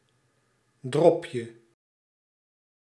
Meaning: 1. diminutive of drop 2. a piece of liquorice
- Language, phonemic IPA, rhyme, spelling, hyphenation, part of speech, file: Dutch, /ˈdrɔp.jə/, -ɔpjə, dropje, drop‧je, noun, Nl-dropje.ogg